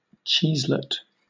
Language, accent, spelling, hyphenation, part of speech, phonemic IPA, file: English, Southern England, cheeselet, cheese‧let, noun, /ˈt͡ʃiːzlɪt/, LL-Q1860 (eng)-cheeselet.wav
- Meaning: 1. A small, usually roundish lump of cheese; a baby cheese; specifically, a particular type made with sheep's milk in Malta 2. A baked dish of bread and cheese covered with a mixture of eggs and milk